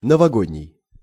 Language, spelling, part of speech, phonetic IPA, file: Russian, новогодний, adjective, [nəvɐˈɡodʲnʲɪj], Ru-новогодний.ogg
- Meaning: New Year's